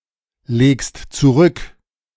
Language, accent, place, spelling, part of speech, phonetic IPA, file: German, Germany, Berlin, legst zurück, verb, [ˌleːkst t͡suˈʁʏk], De-legst zurück.ogg
- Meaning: second-person singular present of zurücklegen